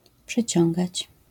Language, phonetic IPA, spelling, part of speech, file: Polish, [pʃɨˈt͡ɕɔ̃ŋɡat͡ɕ], przyciągać, verb, LL-Q809 (pol)-przyciągać.wav